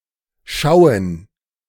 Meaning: 1. gerund of schauen 2. plural of Schau
- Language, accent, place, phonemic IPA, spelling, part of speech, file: German, Germany, Berlin, /ˈʃaʊ̯ən/, Schauen, noun, De-Schauen.ogg